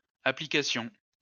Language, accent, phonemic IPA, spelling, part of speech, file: French, France, /a.pli.ka.sjɔ̃/, applications, noun, LL-Q150 (fra)-applications.wav
- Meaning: plural of application